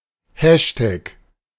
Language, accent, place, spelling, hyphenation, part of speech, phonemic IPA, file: German, Germany, Berlin, Hashtag, Hash‧tag, noun, /ˈhɛʃtɛk/, De-Hashtag.ogg
- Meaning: hashtag